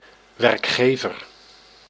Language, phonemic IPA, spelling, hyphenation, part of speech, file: Dutch, /ˌʋɛrkˈxeː.vər/, werkgever, werk‧ge‧ver, noun, Nl-werkgever.ogg
- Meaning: an employer